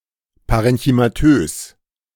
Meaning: parenchymatous
- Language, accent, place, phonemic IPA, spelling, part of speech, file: German, Germany, Berlin, /ˌpaʁɛnçymaˈtøːs/, parenchymatös, adjective, De-parenchymatös.ogg